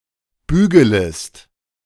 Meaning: second-person singular subjunctive I of bügeln
- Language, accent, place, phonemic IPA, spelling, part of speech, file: German, Germany, Berlin, /ˈbyːɡələst/, bügelest, verb, De-bügelest.ogg